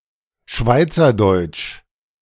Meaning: Swiss German (the language)
- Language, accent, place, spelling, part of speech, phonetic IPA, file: German, Germany, Berlin, Schweizerdeutsch, noun, [ˈʃvaɪ̯t͡sɐˌdɔɪ̯t͡ʃ], De-Schweizerdeutsch.ogg